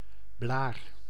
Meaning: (noun) blister; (verb) inflection of blaren: 1. first-person singular present indicative 2. second-person singular present indicative 3. imperative
- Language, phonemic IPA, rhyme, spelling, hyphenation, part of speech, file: Dutch, /blaːr/, -aːr, blaar, blaar, noun / verb, Nl-blaar.ogg